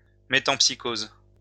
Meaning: metempsychosis
- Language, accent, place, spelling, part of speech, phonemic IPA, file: French, France, Lyon, métempsycose, noun, /me.tɑ̃p.si.koz/, LL-Q150 (fra)-métempsycose.wav